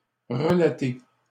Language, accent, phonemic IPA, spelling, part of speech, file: French, Canada, /ʁə.la.te/, relater, verb, LL-Q150 (fra)-relater.wav
- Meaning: 1. to relate, to recount 2. to account